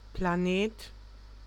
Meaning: planet
- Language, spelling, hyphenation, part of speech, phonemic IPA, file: German, Planet, Pla‧net, noun, /plaˈneːt/, De-Planet.ogg